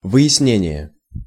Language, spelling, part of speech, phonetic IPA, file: Russian, выяснение, noun, [vɨ(j)ɪsˈnʲenʲɪje], Ru-выяснение.ogg
- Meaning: clarification, elucidation, finding-out, ascertainment